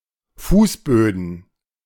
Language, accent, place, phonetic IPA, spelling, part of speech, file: German, Germany, Berlin, [ˈfuːsˌbøːdn̩], Fußböden, noun, De-Fußböden.ogg
- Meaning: plural of Fußboden